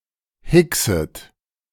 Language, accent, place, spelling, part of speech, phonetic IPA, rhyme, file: German, Germany, Berlin, hickset, verb, [ˈhɪksət], -ɪksət, De-hickset.ogg
- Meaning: second-person plural subjunctive I of hicksen